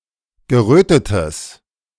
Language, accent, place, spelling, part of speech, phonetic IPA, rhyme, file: German, Germany, Berlin, gerötetes, adjective, [ɡəˈʁøːtətəs], -øːtətəs, De-gerötetes.ogg
- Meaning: strong/mixed nominative/accusative neuter singular of gerötet